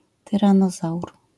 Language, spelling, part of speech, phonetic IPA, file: Polish, tyranozaur, noun, [ˌtɨrãˈnɔzawr], LL-Q809 (pol)-tyranozaur.wav